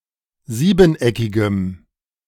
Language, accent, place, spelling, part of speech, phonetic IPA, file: German, Germany, Berlin, siebeneckigem, adjective, [ˈziːbn̩ˌʔɛkɪɡəm], De-siebeneckigem.ogg
- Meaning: strong dative masculine/neuter singular of siebeneckig